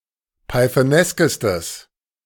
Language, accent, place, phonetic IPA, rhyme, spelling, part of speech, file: German, Germany, Berlin, [paɪ̯θəˈnɛskəstəs], -ɛskəstəs, pythoneskestes, adjective, De-pythoneskestes.ogg
- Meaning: strong/mixed nominative/accusative neuter singular superlative degree of pythonesk